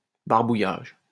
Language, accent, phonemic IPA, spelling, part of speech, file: French, France, /baʁ.bu.jaʒ/, barbouillage, noun, LL-Q150 (fra)-barbouillage.wav
- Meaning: scribble, scribbling